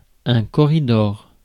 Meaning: corridor, passage
- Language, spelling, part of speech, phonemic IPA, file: French, corridor, noun, /kɔ.ʁi.dɔʁ/, Fr-corridor.ogg